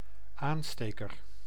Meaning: 1. lighter 2. one who lights or kindles a fire or light source 3. a lever used to cast molten metal into a furnace
- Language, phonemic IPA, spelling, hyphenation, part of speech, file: Dutch, /ˈaːnˌsteː.kər/, aansteker, aan‧ste‧ker, noun, Nl-aansteker.ogg